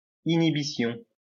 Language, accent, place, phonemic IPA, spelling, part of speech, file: French, France, Lyon, /i.ni.bi.sjɔ̃/, inhibition, noun, LL-Q150 (fra)-inhibition.wav
- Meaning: inhibition